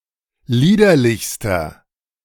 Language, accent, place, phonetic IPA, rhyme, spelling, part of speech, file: German, Germany, Berlin, [ˈliːdɐlɪçstɐ], -iːdɐlɪçstɐ, liederlichster, adjective, De-liederlichster.ogg
- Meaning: inflection of liederlich: 1. strong/mixed nominative masculine singular superlative degree 2. strong genitive/dative feminine singular superlative degree 3. strong genitive plural superlative degree